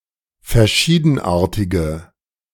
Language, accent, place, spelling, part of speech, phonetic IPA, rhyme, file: German, Germany, Berlin, verschiedenartige, adjective, [fɛɐ̯ˈʃiːdn̩ˌʔaːɐ̯tɪɡə], -iːdn̩ʔaːɐ̯tɪɡə, De-verschiedenartige.ogg
- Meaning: inflection of verschiedenartig: 1. strong/mixed nominative/accusative feminine singular 2. strong nominative/accusative plural 3. weak nominative all-gender singular